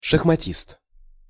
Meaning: chess player
- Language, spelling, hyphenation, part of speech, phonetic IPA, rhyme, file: Russian, шахматист, шах‧ма‧тист, noun, [ʂəxmɐˈtʲist], -ist, Ru-шахматист.ogg